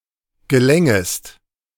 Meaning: second-person singular subjunctive II of gelingen
- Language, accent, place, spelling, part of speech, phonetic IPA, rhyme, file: German, Germany, Berlin, gelängest, verb, [ɡəˈlɛŋəst], -ɛŋəst, De-gelängest.ogg